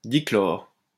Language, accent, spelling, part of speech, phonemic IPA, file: French, France, dichlore, noun, /di.klɔʁ/, LL-Q150 (fra)-dichlore.wav
- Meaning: dichlorine